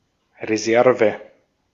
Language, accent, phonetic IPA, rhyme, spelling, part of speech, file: German, Austria, [ʁeˈzɛʁvə], -ɛʁvə, Reserve, noun, De-at-Reserve.ogg
- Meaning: reserve (that which is reserved, or kept back, as for future use)